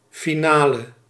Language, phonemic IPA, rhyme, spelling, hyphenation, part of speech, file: Dutch, /fiˈnaːlə/, -aːlə, finale, fi‧na‧le, noun / adjective, Nl-finale.ogg
- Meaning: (noun) 1. a final, e.g. the end-round in a competition 2. the finale of a music piece; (adjective) inflection of finaal: masculine/feminine singular attributive